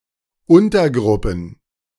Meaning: plural of Untergruppe
- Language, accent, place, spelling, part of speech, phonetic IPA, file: German, Germany, Berlin, Untergruppen, noun, [ˈʊntɐˌɡʁʊpn̩], De-Untergruppen.ogg